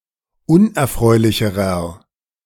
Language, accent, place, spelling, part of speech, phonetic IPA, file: German, Germany, Berlin, unerfreulicherer, adjective, [ˈʊnʔɛɐ̯ˌfʁɔɪ̯lɪçəʁɐ], De-unerfreulicherer.ogg
- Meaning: inflection of unerfreulich: 1. strong/mixed nominative masculine singular comparative degree 2. strong genitive/dative feminine singular comparative degree 3. strong genitive plural comparative degree